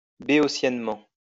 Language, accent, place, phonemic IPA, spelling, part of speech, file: French, France, Lyon, /be.ɔ.sjɛn.mɑ̃/, béotiennement, adverb, LL-Q150 (fra)-béotiennement.wav
- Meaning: philistinely, tastelessly